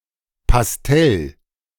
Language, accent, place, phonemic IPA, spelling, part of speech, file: German, Germany, Berlin, /pasˈtɛl/, Pastell, noun, De-Pastell.ogg
- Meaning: pastel